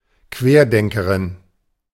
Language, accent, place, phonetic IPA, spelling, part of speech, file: German, Germany, Berlin, [ˈkveːɐ̯ˌdɛŋkəʁɪn], Querdenkerin, noun, De-Querdenkerin.ogg
- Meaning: female equivalent of Querdenker